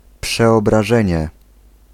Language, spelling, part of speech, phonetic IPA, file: Polish, przeobrażenie, noun, [ˌpʃɛɔbraˈʒɛ̃ɲɛ], Pl-przeobrażenie.ogg